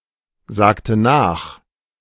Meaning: inflection of nachsagen: 1. first/third-person singular preterite 2. first/third-person singular subjunctive II
- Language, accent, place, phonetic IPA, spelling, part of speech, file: German, Germany, Berlin, [ˌzaːktə ˈnaːx], sagte nach, verb, De-sagte nach.ogg